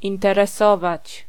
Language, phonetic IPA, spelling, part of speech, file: Polish, [ˌĩntɛrɛˈsɔvat͡ɕ], interesować, verb, Pl-interesować.ogg